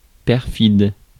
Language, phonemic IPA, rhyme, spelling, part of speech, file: French, /pɛʁ.fid/, -id, perfide, adjective, Fr-perfide.ogg
- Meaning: perfidious